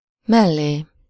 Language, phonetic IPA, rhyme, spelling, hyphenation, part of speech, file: Hungarian, [ˈmɛlːeː], -leː, mellé, mel‧lé, postposition / pronoun, Hu-mellé.ogg
- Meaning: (postposition) next to, alongside, to the vicinity of (onto the side of, expressing the end point of motion); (pronoun) alternative form of melléje (“next to him/her/it”)